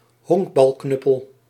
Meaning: baseball bat
- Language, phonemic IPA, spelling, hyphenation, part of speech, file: Dutch, /ˈɦɔŋk.bɑlˌknʏ.pəl/, honkbalknuppel, honk‧bal‧knup‧pel, noun, Nl-honkbalknuppel.ogg